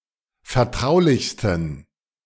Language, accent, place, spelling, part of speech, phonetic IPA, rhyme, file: German, Germany, Berlin, vertraulichsten, adjective, [fɛɐ̯ˈtʁaʊ̯lɪçstn̩], -aʊ̯lɪçstn̩, De-vertraulichsten.ogg
- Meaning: 1. superlative degree of vertraulich 2. inflection of vertraulich: strong genitive masculine/neuter singular superlative degree